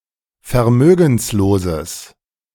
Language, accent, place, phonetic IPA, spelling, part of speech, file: German, Germany, Berlin, [fɛɐ̯ˈmøːɡn̩sloːzəs], vermögensloses, adjective, De-vermögensloses.ogg
- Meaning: strong/mixed nominative/accusative neuter singular of vermögenslos